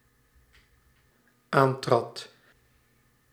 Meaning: singular dependent-clause past indicative of aantreden
- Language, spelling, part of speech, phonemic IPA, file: Dutch, aantrad, verb, /ˈantrɑt/, Nl-aantrad.ogg